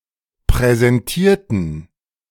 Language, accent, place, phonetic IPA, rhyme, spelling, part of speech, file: German, Germany, Berlin, [pʁɛzɛnˈtiːɐ̯tn̩], -iːɐ̯tn̩, präsentierten, adjective / verb, De-präsentierten.ogg
- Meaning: inflection of präsentieren: 1. first/third-person plural preterite 2. first/third-person plural subjunctive II